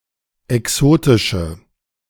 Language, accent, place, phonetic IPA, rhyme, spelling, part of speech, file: German, Germany, Berlin, [ɛˈksoːtɪʃə], -oːtɪʃə, exotische, adjective, De-exotische.ogg
- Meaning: inflection of exotisch: 1. strong/mixed nominative/accusative feminine singular 2. strong nominative/accusative plural 3. weak nominative all-gender singular